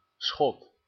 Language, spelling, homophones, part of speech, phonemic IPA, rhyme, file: Dutch, Schot, schot, noun, /sxɔt/, -ɔt, Nl-Schot.ogg
- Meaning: a Scot, Scotsman